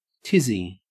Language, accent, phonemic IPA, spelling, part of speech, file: English, Australia, /ˈtɪzi/, tizzy, noun, En-au-tizzy.ogg
- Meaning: 1. A state of nervous excitement, confusion, or distress; a dither 2. A sixpence; a tester